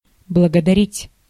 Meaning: to thank
- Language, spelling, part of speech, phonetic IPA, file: Russian, благодарить, verb, [bɫəɡədɐˈrʲitʲ], Ru-благодарить.ogg